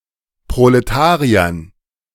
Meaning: dative plural of Proletarier
- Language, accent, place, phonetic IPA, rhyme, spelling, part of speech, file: German, Germany, Berlin, [pʁoleˈtaːʁiɐn], -aːʁiɐn, Proletariern, noun, De-Proletariern.ogg